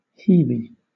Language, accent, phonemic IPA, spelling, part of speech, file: English, Southern England, /ˈhiːvi/, heavy, adjective, LL-Q1860 (eng)-heavy.wav
- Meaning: Having the heaves